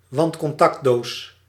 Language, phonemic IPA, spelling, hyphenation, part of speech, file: Dutch, /ˈʋɑntkɔnˌtɑktˌdoːs/, wandcontactdoos, wand‧con‧tact‧doos, noun, Nl-wandcontactdoos.ogg
- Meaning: an electrical wall socket, an outlet on a wall